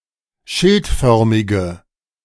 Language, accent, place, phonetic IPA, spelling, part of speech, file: German, Germany, Berlin, [ˈʃɪltˌfœʁmɪɡə], schildförmige, adjective, De-schildförmige.ogg
- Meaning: inflection of schildförmig: 1. strong/mixed nominative/accusative feminine singular 2. strong nominative/accusative plural 3. weak nominative all-gender singular